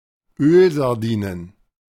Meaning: plural of Ölsardine
- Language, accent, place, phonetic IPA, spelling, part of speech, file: German, Germany, Berlin, [ˈøːlzaʁˌdiːnən], Ölsardinen, noun, De-Ölsardinen.ogg